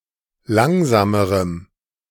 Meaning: strong dative masculine/neuter singular comparative degree of langsam
- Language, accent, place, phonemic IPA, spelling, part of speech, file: German, Germany, Berlin, /ˈlaŋzaːməʁəm/, langsamerem, adjective, De-langsamerem.ogg